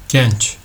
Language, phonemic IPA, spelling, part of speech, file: Turkish, /ˈɟent͡ʃ/, genç, adjective, Tr tr genç.ogg
- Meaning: young